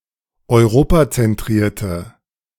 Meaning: inflection of europazentriert: 1. strong/mixed nominative/accusative feminine singular 2. strong nominative/accusative plural 3. weak nominative all-gender singular
- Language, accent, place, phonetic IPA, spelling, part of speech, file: German, Germany, Berlin, [ɔɪ̯ˈʁoːpat͡sɛnˌtʁiːɐ̯tə], europazentrierte, adjective, De-europazentrierte.ogg